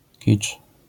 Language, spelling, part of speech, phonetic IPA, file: Polish, kicz, noun, [cit͡ʃ], LL-Q809 (pol)-kicz.wav